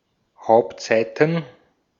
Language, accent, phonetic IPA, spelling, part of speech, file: German, Austria, [ˈhaʊ̯ptˌzaɪ̯tn̩], Hauptseiten, noun, De-at-Hauptseiten.ogg
- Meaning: plural of Hauptseite